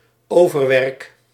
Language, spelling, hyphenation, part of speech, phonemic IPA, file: Dutch, overwerk, over‧werk, noun, /ˈoː.vərˌʋɛrk/, Nl-overwerk.ogg
- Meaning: work done in overtime, overwork